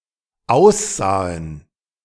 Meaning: first/third-person plural dependent preterite of aussehen
- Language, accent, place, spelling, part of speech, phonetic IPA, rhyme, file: German, Germany, Berlin, aussahen, verb, [ˈaʊ̯sˌzaːən], -aʊ̯szaːən, De-aussahen.ogg